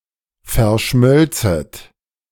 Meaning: second-person plural subjunctive II of verschmelzen
- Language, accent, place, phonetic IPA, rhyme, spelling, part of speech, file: German, Germany, Berlin, [fɛɐ̯ˈʃmœlt͡sət], -œlt͡sət, verschmölzet, verb, De-verschmölzet.ogg